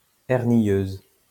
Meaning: feminine singular of hernieux
- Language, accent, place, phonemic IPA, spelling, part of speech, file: French, France, Lyon, /ɛʁ.njøz/, hernieuse, adjective, LL-Q150 (fra)-hernieuse.wav